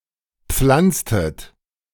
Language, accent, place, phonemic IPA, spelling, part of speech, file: German, Germany, Berlin, /ˈpflantstət/, pflanztet, verb, De-pflanztet.ogg
- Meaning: inflection of pflanzen: 1. second-person plural preterite 2. second-person plural subjunctive II